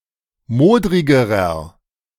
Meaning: inflection of modrig: 1. strong/mixed nominative masculine singular comparative degree 2. strong genitive/dative feminine singular comparative degree 3. strong genitive plural comparative degree
- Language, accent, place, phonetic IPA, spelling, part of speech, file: German, Germany, Berlin, [ˈmoːdʁɪɡəʁɐ], modrigerer, adjective, De-modrigerer.ogg